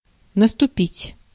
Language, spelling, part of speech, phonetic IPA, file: Russian, наступить, verb, [nəstʊˈpʲitʲ], Ru-наступить.ogg
- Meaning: 1. to tread, to step on 2. to come, to begin, to set in 3. to attack, to advance, to be on the offensive